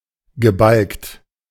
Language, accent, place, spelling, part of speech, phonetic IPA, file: German, Germany, Berlin, gebalkt, adjective, [ɡəˈbalkt], De-gebalkt.ogg
- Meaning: fess-having